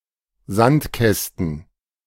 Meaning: plural of Sandkasten
- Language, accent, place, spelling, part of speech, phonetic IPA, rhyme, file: German, Germany, Berlin, Sandkästen, noun, [ˈzantˌkɛstn̩], -antkɛstn̩, De-Sandkästen.ogg